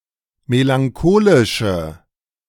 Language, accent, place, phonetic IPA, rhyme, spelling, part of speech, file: German, Germany, Berlin, [melaŋˈkoːlɪʃə], -oːlɪʃə, melancholische, adjective, De-melancholische.ogg
- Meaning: inflection of melancholisch: 1. strong/mixed nominative/accusative feminine singular 2. strong nominative/accusative plural 3. weak nominative all-gender singular